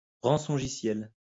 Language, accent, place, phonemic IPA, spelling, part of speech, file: French, France, Lyon, /ʁɑ̃.sɔ̃.ʒi.sjɛl/, rançongiciel, noun, LL-Q150 (fra)-rançongiciel.wav
- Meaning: ransomware (malware that holds the data of a computer user for ransom)